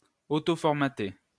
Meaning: to format
- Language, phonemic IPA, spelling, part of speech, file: French, /fɔʁ.ma.te/, formater, verb, LL-Q150 (fra)-formater.wav